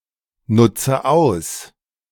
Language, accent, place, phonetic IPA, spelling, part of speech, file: German, Germany, Berlin, [ˌnʊt͡sə ˈaʊ̯s], nutze aus, verb, De-nutze aus.ogg
- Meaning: inflection of ausnutzen: 1. first-person singular present 2. first/third-person singular subjunctive I 3. singular imperative